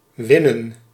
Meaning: 1. to win, to triumph, to be victorious (in) 2. to acquire 3. to extract, to refine, to harvest (from base materials such as ore or crops)
- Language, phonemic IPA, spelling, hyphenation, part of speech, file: Dutch, /ˈʋɪ.nə(n)/, winnen, win‧nen, verb, Nl-winnen.ogg